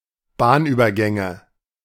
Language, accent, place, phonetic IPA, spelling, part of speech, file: German, Germany, Berlin, [ˈbaːnˌʔyːbɐˌɡɛŋə], Bahnübergänge, noun, De-Bahnübergänge.ogg
- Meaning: nominative/accusative/genitive plural of Bahnübergang